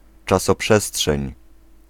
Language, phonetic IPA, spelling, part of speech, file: Polish, [ˌt͡ʃasɔˈpʃɛsṭʃɛ̃ɲ], czasoprzestrzeń, noun, Pl-czasoprzestrzeń.ogg